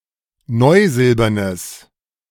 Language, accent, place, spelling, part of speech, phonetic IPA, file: German, Germany, Berlin, neusilbernes, adjective, [ˈnɔɪ̯ˌzɪlbɐnəs], De-neusilbernes.ogg
- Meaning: strong/mixed nominative/accusative neuter singular of neusilbern